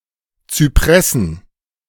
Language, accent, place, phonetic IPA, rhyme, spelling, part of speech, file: German, Germany, Berlin, [t͡syˈpʁɛsn̩], -ɛsn̩, Zypressen, noun, De-Zypressen.ogg
- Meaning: plural of Zypresse